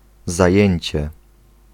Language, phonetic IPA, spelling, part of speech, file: Polish, [zaˈjɛ̇̃ɲt͡ɕɛ], zajęcie, noun, Pl-zajęcie.ogg